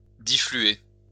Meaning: to spread diffusely
- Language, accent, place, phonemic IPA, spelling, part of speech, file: French, France, Lyon, /di.fly.e/, diffluer, verb, LL-Q150 (fra)-diffluer.wav